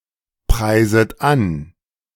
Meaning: second-person plural subjunctive I of anpreisen
- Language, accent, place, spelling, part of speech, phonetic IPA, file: German, Germany, Berlin, preiset an, verb, [ˌpʁaɪ̯zət ˈan], De-preiset an.ogg